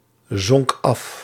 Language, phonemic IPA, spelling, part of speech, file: Dutch, /ˈzɔŋk ˈɑf/, zonk af, verb, Nl-zonk af.ogg
- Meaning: singular past indicative of afzinken